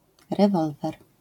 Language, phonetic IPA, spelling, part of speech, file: Polish, [rɛˈvɔlvɛr], rewolwer, noun, LL-Q809 (pol)-rewolwer.wav